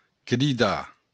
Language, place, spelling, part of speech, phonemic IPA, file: Occitan, Béarn, cridar, verb, /kɾiˈda/, LL-Q14185 (oci)-cridar.wav
- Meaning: 1. to cry out; to shout 2. to call (to someone) 3. to call (to name or refer to)